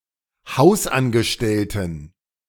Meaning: inflection of Hausangestellter: 1. strong genitive/accusative singular 2. strong dative plural 3. weak/mixed genitive/dative/accusative singular 4. weak/mixed all-case plural
- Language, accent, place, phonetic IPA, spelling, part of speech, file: German, Germany, Berlin, [ˈhaʊ̯sʔanɡəˌʃtɛltn̩], Hausangestellten, noun, De-Hausangestellten.ogg